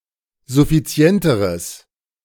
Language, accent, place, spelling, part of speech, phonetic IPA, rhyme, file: German, Germany, Berlin, suffizienteres, adjective, [zʊfiˈt͡si̯ɛntəʁəs], -ɛntəʁəs, De-suffizienteres.ogg
- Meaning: strong/mixed nominative/accusative neuter singular comparative degree of suffizient